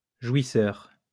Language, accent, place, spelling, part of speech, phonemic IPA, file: French, France, Lyon, jouisseur, adjective / noun, /ʒwi.sœʁ/, LL-Q150 (fra)-jouisseur.wav
- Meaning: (adjective) 1. seeking sensual pleasure 2. showing enjoyment, delight, pleasure; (noun) 1. sensualist 2. person reaching pleasure during sexual intercourse